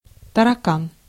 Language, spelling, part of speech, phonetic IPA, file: Russian, таракан, noun, [tərɐˈkan], Ru-таракан.ogg
- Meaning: cockroach